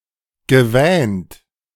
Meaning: past participle of wähnen
- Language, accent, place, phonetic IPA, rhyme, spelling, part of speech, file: German, Germany, Berlin, [ɡəˈvɛːnt], -ɛːnt, gewähnt, verb, De-gewähnt.ogg